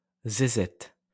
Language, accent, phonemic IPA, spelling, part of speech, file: French, France, /ze.zɛt/, zézette, noun, LL-Q150 (fra)-zézette.wav
- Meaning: vulva